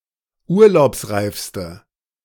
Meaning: inflection of urlaubsreif: 1. strong/mixed nominative/accusative feminine singular superlative degree 2. strong nominative/accusative plural superlative degree
- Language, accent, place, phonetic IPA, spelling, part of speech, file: German, Germany, Berlin, [ˈuːɐ̯laʊ̯psˌʁaɪ̯fstə], urlaubsreifste, adjective, De-urlaubsreifste.ogg